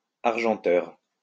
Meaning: silver plater (person)
- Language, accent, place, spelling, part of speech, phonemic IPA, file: French, France, Lyon, argenteur, noun, /aʁ.ʒɑ̃.tœʁ/, LL-Q150 (fra)-argenteur.wav